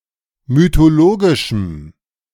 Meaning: strong dative masculine/neuter singular of mythologisch
- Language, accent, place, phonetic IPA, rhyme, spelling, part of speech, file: German, Germany, Berlin, [mytoˈloːɡɪʃm̩], -oːɡɪʃm̩, mythologischem, adjective, De-mythologischem.ogg